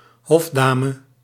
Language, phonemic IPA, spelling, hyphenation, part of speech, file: Dutch, /ˈɦɔfˌdaː.mə/, hofdame, hof‧da‧me, noun, Nl-hofdame.ogg
- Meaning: lady-in-waiting